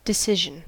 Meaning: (noun) 1. The act of deciding 2. A choice or judgement 3. Firmness of conviction 4. A result arrived at by the judges when there is no clear winner at the end of the contest
- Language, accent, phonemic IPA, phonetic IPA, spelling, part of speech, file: English, US, /dɪˈsɪʒn̩/, [dɪˈsɪʒn̩], decision, noun / verb, En-us-decision.ogg